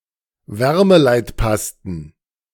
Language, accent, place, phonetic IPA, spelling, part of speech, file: German, Germany, Berlin, [ˈvɛʁməlaɪ̯tˌpastn̩], Wärmeleitpasten, noun, De-Wärmeleitpasten.ogg
- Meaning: plural of Wärmeleitpaste